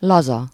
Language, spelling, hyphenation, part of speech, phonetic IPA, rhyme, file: Hungarian, laza, la‧za, adjective, [ˈlɒzɒ], -zɒ, Hu-laza.ogg
- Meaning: 1. loose, lax, slack 2. lax, lenient, permissive 3. relaxed, chilled, easy-going, laid-back, casual, cool (not upset by circumstances that might ordinarily be upsetting)